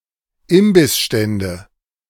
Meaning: nominative/accusative/genitive plural of Imbissstand
- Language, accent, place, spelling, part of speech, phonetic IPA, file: German, Germany, Berlin, Imbissstände, noun, [ˈɪmbɪsˌʃtɛndə], De-Imbissstände.ogg